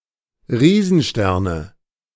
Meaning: nominative/accusative/genitive plural of Riesenstern
- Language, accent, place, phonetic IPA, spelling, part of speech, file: German, Germany, Berlin, [ˈʁiːzn̩ˌʃtɛʁnə], Riesensterne, noun, De-Riesensterne.ogg